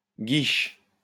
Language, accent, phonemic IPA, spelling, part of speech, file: French, France, /ɡiʃ/, guiche, noun, LL-Q150 (fra)-guiche.wav
- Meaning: 1. a strap 2. a kiss-curl